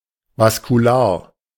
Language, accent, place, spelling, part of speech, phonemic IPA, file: German, Germany, Berlin, vaskular, adjective, /vaskuˈlaːɐ̯/, De-vaskular.ogg
- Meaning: vascular